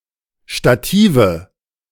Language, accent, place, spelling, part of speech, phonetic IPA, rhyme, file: German, Germany, Berlin, Stative, noun, [ʃtaˈtiːvə], -iːvə, De-Stative.ogg
- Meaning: nominative/accusative/genitive plural of Stativ